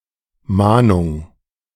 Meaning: 1. warning 2. reminder
- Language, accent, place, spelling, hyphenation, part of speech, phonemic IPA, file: German, Germany, Berlin, Mahnung, Mah‧nung, noun, /ˈmaːnʊŋ/, De-Mahnung2.ogg